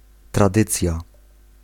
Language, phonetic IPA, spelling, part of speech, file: Polish, [traˈdɨt͡sʲja], tradycja, noun, Pl-tradycja.ogg